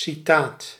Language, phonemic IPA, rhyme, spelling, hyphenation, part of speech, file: Dutch, /siˈtaːt/, -aːt, citaat, ci‧taat, noun, Nl-citaat.ogg
- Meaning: a quotation, fragment of a human expression, notably as reference